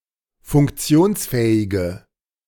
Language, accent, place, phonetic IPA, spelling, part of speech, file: German, Germany, Berlin, [fʊŋkˈt͡si̯oːnsˌfɛːɪɡə], funktionsfähige, adjective, De-funktionsfähige.ogg
- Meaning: inflection of funktionsfähig: 1. strong/mixed nominative/accusative feminine singular 2. strong nominative/accusative plural 3. weak nominative all-gender singular